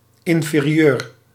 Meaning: 1. inferior (of low(er) value or quality) 2. inferior (of lower rank)
- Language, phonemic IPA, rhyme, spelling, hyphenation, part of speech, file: Dutch, /ˌɪn.feː.riˈøːr/, -øːr, inferieur, in‧fe‧ri‧eur, adjective, Nl-inferieur.ogg